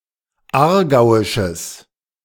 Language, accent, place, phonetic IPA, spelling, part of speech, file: German, Germany, Berlin, [ˈaːɐ̯ˌɡaʊ̯ɪʃəs], aargauisches, adjective, De-aargauisches.ogg
- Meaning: strong/mixed nominative/accusative neuter singular of aargauisch